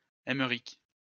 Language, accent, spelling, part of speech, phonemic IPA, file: French, France, Aymeric, proper noun, /ɛm.ʁik/, LL-Q150 (fra)-Aymeric.wav
- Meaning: a male given name, variant of Émeric